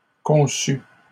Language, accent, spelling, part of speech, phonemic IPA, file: French, Canada, conçus, verb, /kɔ̃.sy/, LL-Q150 (fra)-conçus.wav
- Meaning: 1. first/second-person singular past historic of concevoir 2. masculine plural of conçu